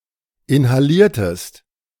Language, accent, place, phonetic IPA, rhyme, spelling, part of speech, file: German, Germany, Berlin, [ɪnhaˈliːɐ̯təst], -iːɐ̯təst, inhaliertest, verb, De-inhaliertest.ogg
- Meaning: inflection of inhalieren: 1. second-person singular preterite 2. second-person singular subjunctive II